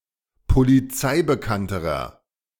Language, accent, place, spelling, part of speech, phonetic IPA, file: German, Germany, Berlin, polizeibekannterer, adjective, [poliˈt͡saɪ̯bəˌkantəʁɐ], De-polizeibekannterer.ogg
- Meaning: inflection of polizeibekannt: 1. strong/mixed nominative masculine singular comparative degree 2. strong genitive/dative feminine singular comparative degree